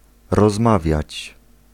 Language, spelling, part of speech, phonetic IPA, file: Polish, rozmawiać, verb, [rɔzˈmavʲjät͡ɕ], Pl-rozmawiać.ogg